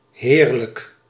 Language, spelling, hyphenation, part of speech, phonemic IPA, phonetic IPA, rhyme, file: Dutch, heerlijk, heer‧lijk, adjective, /ˈɦeːrlək/, [ˈɦɪːrlək], -eːrlək, Nl-heerlijk.ogg
- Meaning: 1. wonderful (when referring to a sensation), great 2. delicious 3. lordly, suzerain (pertaining to a feudal lord) 4. glorious, magnificent